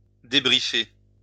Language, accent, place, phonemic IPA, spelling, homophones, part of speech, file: French, France, Lyon, /de.bʁi.fe/, débriefer, débriefai / débriefé / débriefée / débriefées / débriefés / débriefez, verb, LL-Q150 (fra)-débriefer.wav
- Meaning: to debrief